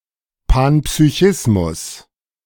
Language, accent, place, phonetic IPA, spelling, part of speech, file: German, Germany, Berlin, [panpsyˈçɪsmʊs], Panpsychismus, noun, De-Panpsychismus.ogg
- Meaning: panpsychism